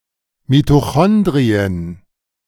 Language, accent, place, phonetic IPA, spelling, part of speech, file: German, Germany, Berlin, [mitoˈxɔndʁiən], Mitochondrien, noun, De-Mitochondrien.ogg
- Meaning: genitive singular of Mitochondrium